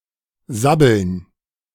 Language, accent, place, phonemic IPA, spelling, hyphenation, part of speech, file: German, Germany, Berlin, /ˈzabəln/, sabbeln, sab‧beln, verb, De-sabbeln.ogg
- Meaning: jabber, gab, rattle on, rabbit on (to talk a lot and quickly, or to talk nonsense)